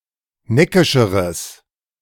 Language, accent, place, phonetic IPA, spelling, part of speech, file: German, Germany, Berlin, [ˈnɛkɪʃəʁəs], neckischeres, adjective, De-neckischeres.ogg
- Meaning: strong/mixed nominative/accusative neuter singular comparative degree of neckisch